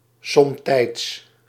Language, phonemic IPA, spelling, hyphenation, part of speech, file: Dutch, /ˈsɔmtɛi̯ts/, somtijds, som‧tijds, adverb, Nl-somtijds.ogg
- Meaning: sometimes